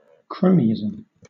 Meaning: Favouritism to friends without regard for their qualifications; especially (politics), in their appointment to political positions
- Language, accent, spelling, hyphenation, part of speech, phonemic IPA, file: English, Southern England, cronyism, cro‧ny‧i‧sm, noun, /ˈkɹəʊnɪɪz(ə)m/, LL-Q1860 (eng)-cronyism.wav